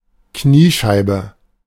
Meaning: kneecap
- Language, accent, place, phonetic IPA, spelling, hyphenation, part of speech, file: German, Germany, Berlin, [ˈkniːˌʃaɪ̯bə], Kniescheibe, Knie‧schei‧be, noun, De-Kniescheibe.ogg